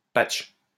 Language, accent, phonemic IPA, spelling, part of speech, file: French, France, /patʃ/, patch, noun, LL-Q150 (fra)-patch.wav
- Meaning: patch (piece of code used to fix a bug)